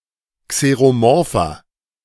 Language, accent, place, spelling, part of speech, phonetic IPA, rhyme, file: German, Germany, Berlin, xeromorpher, adjective, [kseʁoˈmɔʁfɐ], -ɔʁfɐ, De-xeromorpher.ogg
- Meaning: inflection of xeromorph: 1. strong/mixed nominative masculine singular 2. strong genitive/dative feminine singular 3. strong genitive plural